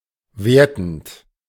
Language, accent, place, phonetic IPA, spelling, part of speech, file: German, Germany, Berlin, [ˈveːɐ̯tn̩t], wertend, verb, De-wertend.ogg
- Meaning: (verb) present participle of werten; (adjective) judgmental; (adverb) in a judgmental manner